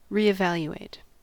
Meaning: Alternative spelling of re-evaluate
- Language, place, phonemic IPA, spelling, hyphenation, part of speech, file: English, California, /ˌɹiɪˈvæljueɪt/, reevaluate, re‧e‧val‧u‧ate, verb, En-us-reevaluate.ogg